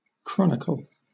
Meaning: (noun) A written account of events and when they happened, ordered by time; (verb) To record in or as in a chronicle
- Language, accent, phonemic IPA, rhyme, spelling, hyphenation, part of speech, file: English, Southern England, /ˈkɹɒnɪkəl/, -ɒnɪkəl, chronicle, chron‧i‧cle, noun / verb, LL-Q1860 (eng)-chronicle.wav